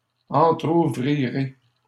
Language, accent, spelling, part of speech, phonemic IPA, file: French, Canada, entrouvrirez, verb, /ɑ̃.tʁu.vʁi.ʁe/, LL-Q150 (fra)-entrouvrirez.wav
- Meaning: second-person plural simple future of entrouvrir